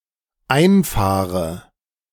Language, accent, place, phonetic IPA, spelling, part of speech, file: German, Germany, Berlin, [ˈaɪ̯nˌfaːʁə], einfahre, verb, De-einfahre.ogg
- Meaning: inflection of einfahren: 1. first-person singular dependent present 2. first/third-person singular dependent subjunctive I